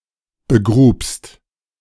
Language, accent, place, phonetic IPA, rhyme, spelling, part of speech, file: German, Germany, Berlin, [bəˈɡʁuːpst], -uːpst, begrubst, verb, De-begrubst.ogg
- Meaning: second-person singular preterite of begraben